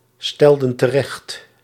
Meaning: inflection of terechtstellen: 1. plural past indicative 2. plural past subjunctive
- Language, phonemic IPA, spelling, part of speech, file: Dutch, /ˈstɛldə(n) təˈrɛxt/, stelden terecht, verb, Nl-stelden terecht.ogg